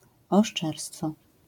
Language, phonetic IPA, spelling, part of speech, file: Polish, [ɔʃˈt͡ʃɛrstfɔ], oszczerstwo, noun, LL-Q809 (pol)-oszczerstwo.wav